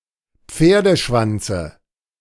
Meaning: dative of Pferdeschwanz
- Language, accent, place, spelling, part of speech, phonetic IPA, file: German, Germany, Berlin, Pferdeschwanze, noun, [ˈp͡feːɐ̯dəˌʃvant͡sə], De-Pferdeschwanze.ogg